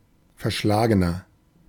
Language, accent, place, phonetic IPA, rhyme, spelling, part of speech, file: German, Germany, Berlin, [fɛɐ̯ˈʃlaːɡənɐ], -aːɡənɐ, verschlagener, adjective, De-verschlagener.ogg
- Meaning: 1. comparative degree of verschlagen 2. inflection of verschlagen: strong/mixed nominative masculine singular 3. inflection of verschlagen: strong genitive/dative feminine singular